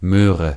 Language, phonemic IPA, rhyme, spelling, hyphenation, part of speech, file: German, /ˈmøːʁə/, -øːʁə, Möhre, Möh‧re, noun, De-Möhre.ogg
- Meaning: carrot